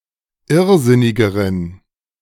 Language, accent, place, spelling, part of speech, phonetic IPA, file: German, Germany, Berlin, irrsinnigeren, adjective, [ˈɪʁˌzɪnɪɡəʁən], De-irrsinnigeren.ogg
- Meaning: inflection of irrsinnig: 1. strong genitive masculine/neuter singular comparative degree 2. weak/mixed genitive/dative all-gender singular comparative degree